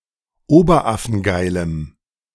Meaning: strong dative masculine/neuter singular of oberaffengeil
- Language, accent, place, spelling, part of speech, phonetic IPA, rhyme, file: German, Germany, Berlin, oberaffengeilem, adjective, [ˈoːbɐˈʔafn̩ˈɡaɪ̯ləm], -aɪ̯ləm, De-oberaffengeilem.ogg